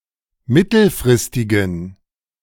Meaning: inflection of mittelfristig: 1. strong genitive masculine/neuter singular 2. weak/mixed genitive/dative all-gender singular 3. strong/weak/mixed accusative masculine singular 4. strong dative plural
- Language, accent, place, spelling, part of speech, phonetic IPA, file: German, Germany, Berlin, mittelfristigen, adjective, [ˈmɪtl̩fʁɪstɪɡn̩], De-mittelfristigen.ogg